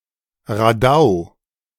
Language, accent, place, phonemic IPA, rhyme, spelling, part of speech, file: German, Germany, Berlin, /ʁaˈdaʊ̯/, -aʊ̯, Radau, noun, De-Radau.ogg
- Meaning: racket, row, din, shindy